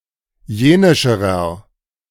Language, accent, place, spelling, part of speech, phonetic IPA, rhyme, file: German, Germany, Berlin, jenischerer, adjective, [ˈjeːnɪʃəʁɐ], -eːnɪʃəʁɐ, De-jenischerer.ogg
- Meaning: inflection of jenisch: 1. strong/mixed nominative masculine singular comparative degree 2. strong genitive/dative feminine singular comparative degree 3. strong genitive plural comparative degree